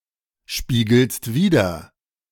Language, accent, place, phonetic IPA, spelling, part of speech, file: German, Germany, Berlin, [ˌʃpiːɡl̩st ˈviːdɐ], spiegelst wider, verb, De-spiegelst wider.ogg
- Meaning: second-person singular present of widerspiegeln